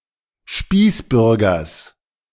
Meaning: genitive of Spießbürger
- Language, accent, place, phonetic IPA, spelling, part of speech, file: German, Germany, Berlin, [ˈʃpiːsˌbʏʁɡɐs], Spießbürgers, noun, De-Spießbürgers.ogg